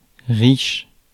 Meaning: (adjective) 1. rich (possessing wealth) 2. rich (abundant) 3. rich (fatty or sweet) 4. rich (vivid); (noun) rich person
- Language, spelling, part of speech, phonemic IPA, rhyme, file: French, riche, adjective / noun, /ʁiʃ/, -iʃ, Fr-riche.ogg